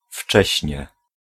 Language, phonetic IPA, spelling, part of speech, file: Polish, [ˈft͡ʃɛɕɲɛ], wcześnie, adverb, Pl-wcześnie.ogg